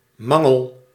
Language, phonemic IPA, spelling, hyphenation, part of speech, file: Dutch, /ˈmɑŋəl/, mangel, mang‧el, noun / verb, Nl-mangel.ogg
- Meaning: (noun) 1. lack, deficiency 2. a mangle; a hand-operated device with rollers, for wringing laundry 3. a mangle; the mangle attached to wringer washing machines, often called the wringer